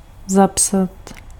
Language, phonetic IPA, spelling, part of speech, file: Czech, [ˈzapsat], zapsat, verb, Cs-zapsat.ogg
- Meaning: to write down, to record